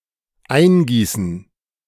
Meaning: to pour in
- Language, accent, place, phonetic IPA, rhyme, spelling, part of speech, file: German, Germany, Berlin, [ˈaɪ̯nˌɡiːsn̩], -aɪ̯nɡiːsn̩, eingießen, verb, De-eingießen.ogg